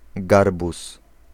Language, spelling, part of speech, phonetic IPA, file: Polish, garbus, noun, [ˈɡarbus], Pl-garbus.ogg